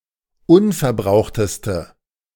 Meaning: inflection of unverbraucht: 1. strong/mixed nominative/accusative feminine singular superlative degree 2. strong nominative/accusative plural superlative degree
- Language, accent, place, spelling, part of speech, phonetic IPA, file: German, Germany, Berlin, unverbrauchteste, adjective, [ˈʊnfɛɐ̯ˌbʁaʊ̯xtəstə], De-unverbrauchteste.ogg